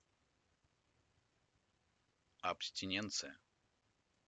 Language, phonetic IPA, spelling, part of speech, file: Russian, [ɐpsʲtʲɪˈnʲent͡sɨjə], абстиненция, noun, Abstinencija.ogg
- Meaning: abstinence